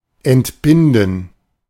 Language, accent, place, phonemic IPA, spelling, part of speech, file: German, Germany, Berlin, /ɛntˈbɪn.dən/, entbinden, verb, De-entbinden.ogg
- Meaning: 1. to see a woman through childbirth; to deliver 2. to give birth; referring to labour, excluding pregnancy 3. to give birth to a child 4. to free (someone) from a duty; to release; to exempt